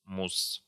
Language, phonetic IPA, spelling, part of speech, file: Russian, [mus], мусс, noun, Ru-мусс.ogg
- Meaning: mousse (dessert)